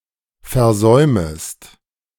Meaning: second-person singular subjunctive I of versäumen
- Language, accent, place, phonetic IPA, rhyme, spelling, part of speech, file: German, Germany, Berlin, [fɛɐ̯ˈzɔɪ̯məst], -ɔɪ̯məst, versäumest, verb, De-versäumest.ogg